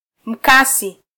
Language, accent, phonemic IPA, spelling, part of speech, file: Swahili, Kenya, /m̩ˈkɑ.si/, mkasi, noun, Sw-ke-mkasi.flac
- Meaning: scissors